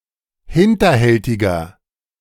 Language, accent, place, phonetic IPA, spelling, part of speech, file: German, Germany, Berlin, [ˈhɪntɐˌhɛltɪɡɐ], hinterhältiger, adjective, De-hinterhältiger.ogg
- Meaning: 1. comparative degree of hinterhältig 2. inflection of hinterhältig: strong/mixed nominative masculine singular 3. inflection of hinterhältig: strong genitive/dative feminine singular